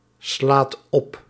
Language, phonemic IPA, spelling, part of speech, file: Dutch, /ˈslat ˈɔp/, slaat op, verb, Nl-slaat op.ogg
- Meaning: inflection of opslaan: 1. second/third-person singular present indicative 2. plural imperative